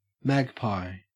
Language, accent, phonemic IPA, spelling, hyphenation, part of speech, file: English, Australia, /ˈmæɡˌpaɪ/, magpie, mag‧pie, noun / verb, En-au-magpie.ogg
- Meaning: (noun) 1. One of several kinds of bird in the family Corvidae, especially Pica pica 2. A superficially similar Australian bird, Gymnorhina tibicen, in the family Artamidae